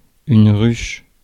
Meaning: 1. hive, beehive 2. ruffle; flounce; ruche
- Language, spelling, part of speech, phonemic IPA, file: French, ruche, noun, /ʁyʃ/, Fr-ruche.ogg